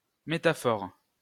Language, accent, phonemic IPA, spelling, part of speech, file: French, France, /me.ta.fɔʁ/, métaphore, noun, LL-Q150 (fra)-métaphore.wav
- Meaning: metaphor